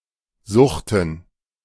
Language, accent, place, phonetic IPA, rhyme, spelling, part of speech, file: German, Germany, Berlin, [ˈzʊxtn̩], -ʊxtn̩, Suchten, noun, De-Suchten.ogg
- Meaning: plural of Sucht